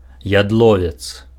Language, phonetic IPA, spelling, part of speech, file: Belarusian, [jadˈɫovʲet͡s], ядловец, noun, Be-ядловец.ogg
- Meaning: juniper